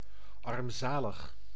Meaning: pitiful, miserable, paltry
- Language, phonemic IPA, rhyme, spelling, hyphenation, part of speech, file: Dutch, /ˌɑrmˈzaː.ləx/, -aːləx, armzalig, arm‧za‧lig, adjective, Nl-armzalig.ogg